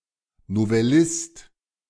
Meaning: novelist
- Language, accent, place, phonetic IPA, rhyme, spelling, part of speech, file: German, Germany, Berlin, [novɛˈlɪst], -ɪst, Novellist, noun, De-Novellist.ogg